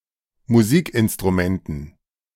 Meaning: dative plural of Musikinstrument
- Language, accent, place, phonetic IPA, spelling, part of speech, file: German, Germany, Berlin, [muˈziːkʔɪnstʁuˌmɛntn̩], Musikinstrumenten, noun, De-Musikinstrumenten.ogg